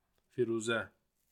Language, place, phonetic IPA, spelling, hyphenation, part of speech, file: Azerbaijani, Baku, [fiɾuːˈzæ], Firuzə, Fi‧ru‧zə, proper noun, Az-az-Firuzə.ogg
- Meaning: a female given name, Firuze, Firuza, and Firuzeh, from Persian